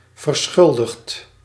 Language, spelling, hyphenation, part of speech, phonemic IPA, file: Dutch, verschuldigd, ver‧schul‧digd, adjective, /vərˈsxʏl.dəxt/, Nl-verschuldigd.ogg
- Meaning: owed, indebted, liable